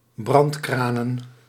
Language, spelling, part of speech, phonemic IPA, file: Dutch, brandkranen, noun, /ˈbrɑntkranə(n)/, Nl-brandkranen.ogg
- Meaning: plural of brandkraan